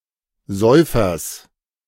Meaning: genitive singular of Säufer
- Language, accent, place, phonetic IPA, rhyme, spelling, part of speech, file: German, Germany, Berlin, [ˈzɔɪ̯fɐs], -ɔɪ̯fɐs, Säufers, noun, De-Säufers.ogg